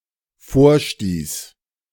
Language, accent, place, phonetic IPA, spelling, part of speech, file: German, Germany, Berlin, [ˈfoːɐ̯ˌʃtiːs], vorstieß, verb, De-vorstieß.ogg
- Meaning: first/third-person singular dependent preterite of vorstoßen